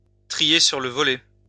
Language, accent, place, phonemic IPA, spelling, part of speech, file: French, France, Lyon, /tʁi.je syʁ lə vɔ.lɛ/, trier sur le volet, verb, LL-Q150 (fra)-trier sur le volet.wav
- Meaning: to handpick, to select carefully by strict criteria